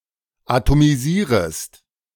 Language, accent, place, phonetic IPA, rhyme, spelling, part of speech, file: German, Germany, Berlin, [atomiˈziːʁəst], -iːʁəst, atomisierest, verb, De-atomisierest.ogg
- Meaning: second-person singular subjunctive I of atomisieren